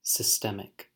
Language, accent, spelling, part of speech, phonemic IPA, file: English, US, systemic, adjective, /sɪˈstɛm.ɪk/, En-us-systemic.ogg
- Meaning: 1. Embedded within and spread throughout and affecting a whole system, group, body, economy, market, or society 2. Pertaining to an entire organism